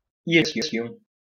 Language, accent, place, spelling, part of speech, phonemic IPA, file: French, France, Lyon, irisation, noun, /i.ʁi.za.sjɔ̃/, LL-Q150 (fra)-irisation.wav
- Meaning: iridescence